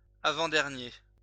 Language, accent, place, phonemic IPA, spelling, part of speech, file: French, France, Lyon, /a.vɑ̃.dɛʁ.nje/, avant-dernier, adjective, LL-Q150 (fra)-avant-dernier.wav
- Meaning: penultimate, second-to-last, last but one